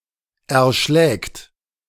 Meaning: third-person singular present of erschlagen
- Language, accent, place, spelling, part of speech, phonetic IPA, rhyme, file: German, Germany, Berlin, erschlägt, verb, [ɛɐ̯ˈʃlɛːkt], -ɛːkt, De-erschlägt.ogg